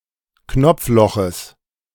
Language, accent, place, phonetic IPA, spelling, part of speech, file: German, Germany, Berlin, [ˈknɔp͡fˌlɔxəs], Knopfloches, noun, De-Knopfloches.ogg
- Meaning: genitive singular of Knopfloch